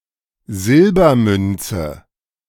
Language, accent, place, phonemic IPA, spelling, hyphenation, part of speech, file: German, Germany, Berlin, /ˈzɪlbɐˌmʏnt͡sə/, Silbermünze, Sil‧ber‧mün‧ze, noun, De-Silbermünze.ogg
- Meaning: silver coin